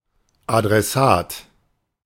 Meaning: addressee
- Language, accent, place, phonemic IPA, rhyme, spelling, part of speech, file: German, Germany, Berlin, /adʁɛˈsaːt/, -aːt, Adressat, noun, De-Adressat.ogg